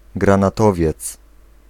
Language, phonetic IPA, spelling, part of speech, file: Polish, [ˌɡrãnaˈtɔvʲjɛt͡s], granatowiec, noun, Pl-granatowiec.ogg